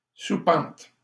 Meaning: loft, attic
- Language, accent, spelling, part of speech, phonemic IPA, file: French, Canada, soupente, noun, /su.pɑ̃t/, LL-Q150 (fra)-soupente.wav